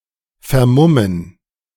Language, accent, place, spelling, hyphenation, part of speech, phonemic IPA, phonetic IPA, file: German, Germany, Berlin, vermummen, ver‧mum‧men, verb, /fɛʁˈmʊmən/, [fɛɐ̯ˈmʊmn̩], De-vermummen.ogg
- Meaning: to hide one’s face, disguise oneself